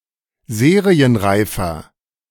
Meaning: 1. comparative degree of serienreif 2. inflection of serienreif: strong/mixed nominative masculine singular 3. inflection of serienreif: strong genitive/dative feminine singular
- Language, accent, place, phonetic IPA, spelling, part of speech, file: German, Germany, Berlin, [ˈzeːʁiənˌʁaɪ̯fɐ], serienreifer, adjective, De-serienreifer.ogg